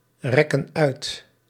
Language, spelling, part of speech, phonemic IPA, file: Dutch, rekken uit, verb, /ˈrɛkə(n) ˈœyt/, Nl-rekken uit.ogg
- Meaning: inflection of uitrekken: 1. plural present indicative 2. plural present subjunctive